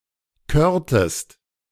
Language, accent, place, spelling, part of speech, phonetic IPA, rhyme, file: German, Germany, Berlin, körtest, verb, [ˈkøːɐ̯təst], -øːɐ̯təst, De-körtest.ogg
- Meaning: inflection of kören: 1. second-person singular preterite 2. second-person singular subjunctive II